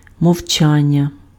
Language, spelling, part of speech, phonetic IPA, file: Ukrainian, мовчання, noun, [mɔu̯ˈt͡ʃanʲːɐ], Uk-мовчання.ogg
- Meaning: 1. verbal noun of мовча́ти (movčáty) 2. silence (absence of talking)